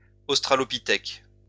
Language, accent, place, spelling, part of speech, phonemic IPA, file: French, France, Lyon, australopithèque, noun, /os.tʁa.lɔ.pi.tɛk/, LL-Q150 (fra)-australopithèque.wav
- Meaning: Australopithecus